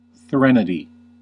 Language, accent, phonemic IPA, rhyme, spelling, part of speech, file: English, US, /ˈθɹɛn.ə.di/, -ɛnədi, threnody, noun, En-us-threnody.ogg
- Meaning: A song or poem of lamentation or mourning for a dead person; a dirge; an elegy